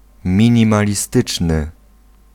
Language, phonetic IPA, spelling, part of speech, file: Polish, [ˌmʲĩɲĩmalʲiˈstɨt͡ʃnɨ], minimalistyczny, adjective, Pl-minimalistyczny.ogg